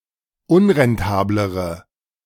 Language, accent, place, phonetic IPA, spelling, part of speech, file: German, Germany, Berlin, [ˈʊnʁɛnˌtaːbləʁə], unrentablere, adjective, De-unrentablere.ogg
- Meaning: inflection of unrentabel: 1. strong/mixed nominative/accusative feminine singular comparative degree 2. strong nominative/accusative plural comparative degree